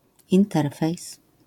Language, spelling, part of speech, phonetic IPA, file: Polish, interfejs, noun, [ĩnˈtɛrfɛjs], LL-Q809 (pol)-interfejs.wav